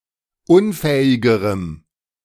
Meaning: strong dative masculine/neuter singular comparative degree of unfähig
- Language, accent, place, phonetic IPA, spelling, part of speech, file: German, Germany, Berlin, [ˈʊnˌfɛːɪɡəʁəm], unfähigerem, adjective, De-unfähigerem.ogg